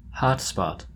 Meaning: A location which has a higher temperature or amount of radiation than surrounding areas
- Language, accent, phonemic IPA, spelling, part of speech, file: English, General American, /ˈhɑtˌspɑt/, hot spot, noun, En-us-hot spot.oga